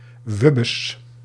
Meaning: irritation
- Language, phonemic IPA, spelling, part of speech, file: Dutch, /ˈʋʏ.bəs/, wubbes, noun, Nl-wubbes.ogg